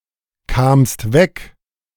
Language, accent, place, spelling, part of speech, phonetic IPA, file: German, Germany, Berlin, kamst weg, verb, [ˌkaːmst ˈvɛk], De-kamst weg.ogg
- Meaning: second-person singular preterite of wegkommen